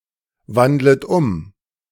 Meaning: second-person plural subjunctive I of umwandeln
- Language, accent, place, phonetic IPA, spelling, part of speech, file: German, Germany, Berlin, [ˌvandlət ˈʊm], wandlet um, verb, De-wandlet um.ogg